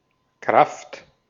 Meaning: 1. power, force, strength 2. force 3. force (soldier) 4. worker, employee
- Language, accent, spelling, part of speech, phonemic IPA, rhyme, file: German, Austria, Kraft, noun, /kʁaft/, -aft, De-at-Kraft.ogg